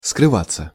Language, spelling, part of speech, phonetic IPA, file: Russian, скрываться, verb, [skrɨˈvat͡sːə], Ru-скрываться.ogg
- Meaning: 1. to disappear; to hide from; to go into hiding 2. to escape; to steal away; to sneak away; to slip away 3. passive of скрыва́ть (skryvátʹ)